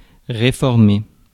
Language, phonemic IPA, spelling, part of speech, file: French, /ʁe.fɔʁ.me/, réformer, verb, Fr-réformer.ogg
- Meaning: 1. to reform (put into a new form) 2. to reform (improve, make better) 3. to declare unfit for military service